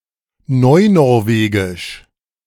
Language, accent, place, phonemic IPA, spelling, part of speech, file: German, Germany, Berlin, /nɔɪ̯ˈnɔʁˌveːɡɪʃ/, Neunorwegisch, proper noun, De-Neunorwegisch.ogg
- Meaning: 1. New Norwegian 2. Nynorsk (one of the two written standards in Norway)